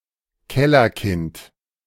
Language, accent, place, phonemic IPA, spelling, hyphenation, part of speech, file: German, Germany, Berlin, /ˈkɛlɐˌkɪnt/, Kellerkind, Kel‧ler‧kind, noun, De-Kellerkind.ogg
- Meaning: socially disadvantaged child